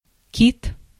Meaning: 1. whale 2. genitive plural of ки́та (kíta) 3. a male Chinese person 4. the Chinese language
- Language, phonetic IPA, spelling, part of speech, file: Russian, [kʲit], кит, noun, Ru-кит.ogg